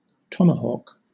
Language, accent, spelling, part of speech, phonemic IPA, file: English, Southern England, tomahawk, noun / verb, /ˈtɒm.ə.hɔːk/, LL-Q1860 (eng)-tomahawk.wav
- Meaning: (noun) 1. An axe used by Native American warriors, originally made of stone, bone, or antler 2. A dunk performed with one's arm behind one's head